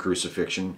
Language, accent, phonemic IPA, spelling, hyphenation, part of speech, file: English, US, /ˌkɹuːsɪˈfɪkʃən/, crucifixion, cru‧ci‧fix‧ion, noun, En-us-crucifixion.ogg
- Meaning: An execution by being nailed or tied to an upright cross and left to hang there until dead